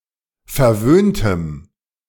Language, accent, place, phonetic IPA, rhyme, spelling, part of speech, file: German, Germany, Berlin, [fɛɐ̯ˈvøːntəm], -øːntəm, verwöhntem, adjective, De-verwöhntem.ogg
- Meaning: strong dative masculine/neuter singular of verwöhnt